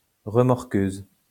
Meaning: tow truck
- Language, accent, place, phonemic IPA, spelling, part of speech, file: French, France, Lyon, /ʁə.mɔʁ.køz/, remorqueuse, noun, LL-Q150 (fra)-remorqueuse.wav